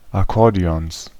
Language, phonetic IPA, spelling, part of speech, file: German, [aˈkɔʁdeˌɔns], Akkordeons, noun, De-Akkordeons.ogg
- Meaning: 1. genitive singular of Akkordeon 2. plural of Akkordeon